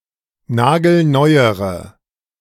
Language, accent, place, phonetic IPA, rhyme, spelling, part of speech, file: German, Germany, Berlin, [ˈnaːɡl̩ˈnɔɪ̯əʁə], -ɔɪ̯əʁə, nagelneuere, adjective, De-nagelneuere.ogg
- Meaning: inflection of nagelneu: 1. strong/mixed nominative/accusative feminine singular comparative degree 2. strong nominative/accusative plural comparative degree